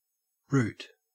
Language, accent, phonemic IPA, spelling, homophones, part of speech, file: English, Australia, /ɹʉːt/, root, rute, noun / verb, En-au-root.ogg
- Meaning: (noun) The part of a plant, generally underground, that anchors and supports the plant body, absorbs and stores water and nutrients, and in some plants is able to perform vegetative reproduction